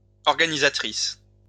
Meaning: female equivalent of organisateur
- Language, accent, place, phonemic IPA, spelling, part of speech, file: French, France, Lyon, /ɔʁ.ɡa.ni.za.tʁis/, organisatrice, noun, LL-Q150 (fra)-organisatrice.wav